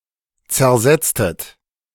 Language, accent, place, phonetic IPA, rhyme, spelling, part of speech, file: German, Germany, Berlin, [t͡sɛɐ̯ˈzɛt͡stət], -ɛt͡stət, zersetztet, verb, De-zersetztet.ogg
- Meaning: inflection of zersetzen: 1. second-person plural preterite 2. second-person plural subjunctive II